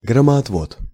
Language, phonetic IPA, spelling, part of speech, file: Russian, [ɡrəmɐɐtˈvot], громоотвод, noun, Ru-громоотвод.ogg
- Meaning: lightning rod